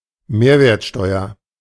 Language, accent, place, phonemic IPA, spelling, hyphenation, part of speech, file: German, Germany, Berlin, /ˈmeːɐ̯veːɐ̯tʃtɔʏɐ/, Mehrwertsteuer, Mehr‧wert‧steu‧er, noun, De-Mehrwertsteuer.ogg
- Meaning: value added tax (tax levied on added value of an exchange)